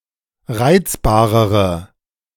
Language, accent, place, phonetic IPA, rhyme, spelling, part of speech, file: German, Germany, Berlin, [ˈʁaɪ̯t͡sbaːʁəʁə], -aɪ̯t͡sbaːʁəʁə, reizbarere, adjective, De-reizbarere.ogg
- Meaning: inflection of reizbar: 1. strong/mixed nominative/accusative feminine singular comparative degree 2. strong nominative/accusative plural comparative degree